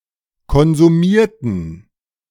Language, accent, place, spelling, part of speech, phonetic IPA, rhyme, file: German, Germany, Berlin, konsumierten, adjective / verb, [kɔnzuˈmiːɐ̯tn̩], -iːɐ̯tn̩, De-konsumierten.ogg
- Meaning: inflection of konsumieren: 1. first/third-person plural preterite 2. first/third-person plural subjunctive II